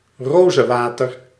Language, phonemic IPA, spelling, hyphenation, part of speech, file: Dutch, /ˈroː.zə(n)ˌʋaː.tər/, rozenwater, ro‧zen‧wa‧ter, noun, Nl-rozenwater.ogg
- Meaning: rosewater